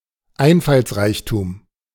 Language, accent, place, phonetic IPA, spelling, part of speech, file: German, Germany, Berlin, [ˈaɪ̯nfalsˌʁaɪ̯çtuːm], Einfallsreichtum, noun, De-Einfallsreichtum.ogg
- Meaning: ingenuity, inventiveness, resourcefulness